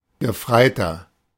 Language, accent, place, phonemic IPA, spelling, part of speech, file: German, Germany, Berlin, /ɡəˈfraɪ̯tɐ/, Gefreiter, noun, De-Gefreiter.ogg
- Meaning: 1. lance corporal (military rank) (male or of unspecified gender) 2. inflection of Gefreite: strong genitive/dative singular 3. inflection of Gefreite: strong genitive plural